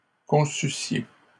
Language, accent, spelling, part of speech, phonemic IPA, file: French, Canada, conçussiez, verb, /kɔ̃.sy.sje/, LL-Q150 (fra)-conçussiez.wav
- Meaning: second-person plural imperfect subjunctive of concevoir